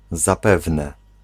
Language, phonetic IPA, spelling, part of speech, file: Polish, [zaˈpɛvnɛ], zapewne, particle, Pl-zapewne.ogg